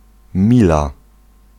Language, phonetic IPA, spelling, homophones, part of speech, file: Polish, [ˈmʲila], mila, Mila, noun, Pl-mila.ogg